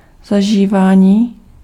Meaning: 1. verbal noun of zažívat 2. digestion
- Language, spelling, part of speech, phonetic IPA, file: Czech, zažívání, noun, [ˈzaʒiːvaːɲiː], Cs-zažívání.ogg